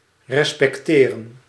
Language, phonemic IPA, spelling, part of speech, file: Dutch, /rɛspɛkˈterə(n)/, respecteren, verb, Nl-respecteren.ogg
- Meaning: to respect